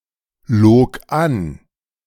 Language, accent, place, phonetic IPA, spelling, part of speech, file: German, Germany, Berlin, [ˌloːk ˈan], log an, verb, De-log an.ogg
- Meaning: first/third-person singular preterite of anlügen